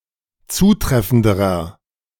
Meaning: inflection of zutreffend: 1. strong/mixed nominative masculine singular comparative degree 2. strong genitive/dative feminine singular comparative degree 3. strong genitive plural comparative degree
- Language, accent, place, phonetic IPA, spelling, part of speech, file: German, Germany, Berlin, [ˈt͡suːˌtʁɛfn̩dəʁɐ], zutreffenderer, adjective, De-zutreffenderer.ogg